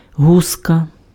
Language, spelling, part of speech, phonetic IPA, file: Ukrainian, гуска, noun, [ˈɦuskɐ], Uk-гуска.ogg
- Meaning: goose